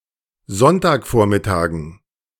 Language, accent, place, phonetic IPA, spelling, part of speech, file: German, Germany, Berlin, [ˈzɔntaːkˌfoːɐ̯mɪtaːɡn̩], Sonntagvormittagen, noun, De-Sonntagvormittagen.ogg
- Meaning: dative plural of Sonntagvormittag